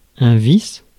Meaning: vice (bad habit)
- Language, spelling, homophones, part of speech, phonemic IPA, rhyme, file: French, vice, vices / vis / visse / vissent / visses, noun, /vis/, -is, Fr-vice.ogg